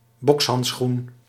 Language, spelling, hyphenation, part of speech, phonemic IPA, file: Dutch, bokshandschoen, boks‧hand‧schoen, noun, /ˈbɔks.ɦɑntˌsxun/, Nl-bokshandschoen.ogg
- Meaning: boxing glove